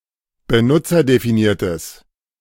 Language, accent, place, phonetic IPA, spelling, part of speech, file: German, Germany, Berlin, [bəˈnʊt͡sɐdefiˌniːɐ̯təs], benutzerdefiniertes, adjective, De-benutzerdefiniertes.ogg
- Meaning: strong/mixed nominative/accusative neuter singular of benutzerdefiniert